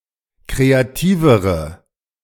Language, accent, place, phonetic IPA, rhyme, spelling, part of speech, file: German, Germany, Berlin, [ˌkʁeaˈtiːvəʁə], -iːvəʁə, kreativere, adjective, De-kreativere.ogg
- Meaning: inflection of kreativ: 1. strong/mixed nominative/accusative feminine singular comparative degree 2. strong nominative/accusative plural comparative degree